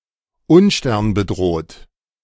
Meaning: star-crossed
- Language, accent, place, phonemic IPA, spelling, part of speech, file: German, Germany, Berlin, /ˈʊnʃtɛʁnbəˌdroːt/, unsternbedroht, adjective, De-unsternbedroht.ogg